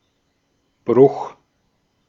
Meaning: 1. break, breaking, breach, fracture, rupture 2. fraction 3. fracture (of a bone) 4. hernia 5. hernia: (to) excess, very much 6. ellipsis of Einbruch (“break-in”)
- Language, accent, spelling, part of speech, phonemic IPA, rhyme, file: German, Austria, Bruch, noun, /bʁʊx/, -ʊx, De-at-Bruch.ogg